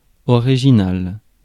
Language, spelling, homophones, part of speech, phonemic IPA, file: French, original, originale / originales, adjective / noun, /ɔ.ʁi.ʒi.nal/, Fr-original.ogg
- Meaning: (adjective) original; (noun) 1. an unusual or eccentric person 2. an original manuscript